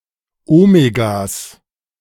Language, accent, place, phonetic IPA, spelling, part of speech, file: German, Germany, Berlin, [ˈoːmeɡas], Omegas, noun, De-Omegas.ogg
- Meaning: plural of Omega